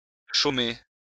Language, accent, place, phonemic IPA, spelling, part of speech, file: French, France, Lyon, /ʃo.me/, chômer, verb, LL-Q150 (fra)-chômer.wav
- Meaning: 1. to be idle 2. to be out of work